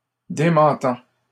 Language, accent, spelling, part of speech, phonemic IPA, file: French, Canada, démentant, verb, /de.mɑ̃.tɑ̃/, LL-Q150 (fra)-démentant.wav
- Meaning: present participle of démentir